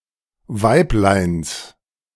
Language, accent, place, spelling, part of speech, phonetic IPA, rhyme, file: German, Germany, Berlin, Weibleins, noun, [ˈvaɪ̯plaɪ̯ns], -aɪ̯plaɪ̯ns, De-Weibleins.ogg
- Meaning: genitive singular of Weiblein